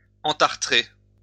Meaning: to scale, fur up
- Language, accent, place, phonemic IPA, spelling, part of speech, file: French, France, Lyon, /ɑ̃.taʁ.tʁe/, entartrer, verb, LL-Q150 (fra)-entartrer.wav